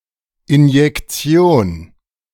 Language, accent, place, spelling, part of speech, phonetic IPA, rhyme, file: German, Germany, Berlin, Injektion, noun, [ɪnjɛkˈt͡si̯oːn], -oːn, De-Injektion.ogg
- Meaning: injection